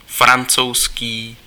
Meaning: French
- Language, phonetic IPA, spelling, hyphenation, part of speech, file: Czech, [ˈfrant͡sou̯skiː], francouzský, fran‧couz‧ský, adjective, Cs-francouzský.ogg